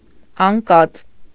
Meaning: fallen
- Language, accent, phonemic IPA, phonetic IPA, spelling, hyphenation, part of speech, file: Armenian, Eastern Armenian, /ɑnˈkɑt͡s/, [ɑŋkɑ́t͡s], անկած, ան‧կած, adjective, Hy-անկած.ogg